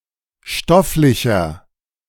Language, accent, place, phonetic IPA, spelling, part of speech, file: German, Germany, Berlin, [ˈʃtɔflɪçɐ], stofflicher, adjective, De-stofflicher.ogg
- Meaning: 1. comparative degree of stofflich 2. inflection of stofflich: strong/mixed nominative masculine singular 3. inflection of stofflich: strong genitive/dative feminine singular